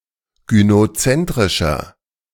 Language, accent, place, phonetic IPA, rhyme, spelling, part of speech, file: German, Germany, Berlin, [ɡynoˈt͡sɛntʁɪʃɐ], -ɛntʁɪʃɐ, gynozentrischer, adjective, De-gynozentrischer.ogg
- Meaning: 1. comparative degree of gynozentrisch 2. inflection of gynozentrisch: strong/mixed nominative masculine singular 3. inflection of gynozentrisch: strong genitive/dative feminine singular